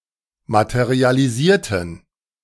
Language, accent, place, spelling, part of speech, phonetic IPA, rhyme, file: German, Germany, Berlin, materialisierten, adjective / verb, [ˌmatəʁialiˈziːɐ̯tn̩], -iːɐ̯tn̩, De-materialisierten.ogg
- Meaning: inflection of materialisieren: 1. first/third-person plural preterite 2. first/third-person plural subjunctive II